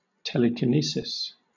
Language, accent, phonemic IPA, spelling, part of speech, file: English, Southern England, /ˌtɛləkɪˈniːsɪs/, telekinesis, noun, LL-Q1860 (eng)-telekinesis.wav
- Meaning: 1. The ability to move objects, or otherwise interact with physical systems and other phenomena, through the power of one's mind 2. An instance of use of such power